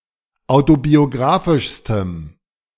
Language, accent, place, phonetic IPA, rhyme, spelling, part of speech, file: German, Germany, Berlin, [ˌaʊ̯tobioˈɡʁaːfɪʃstəm], -aːfɪʃstəm, autobiographischstem, adjective, De-autobiographischstem.ogg
- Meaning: strong dative masculine/neuter singular superlative degree of autobiographisch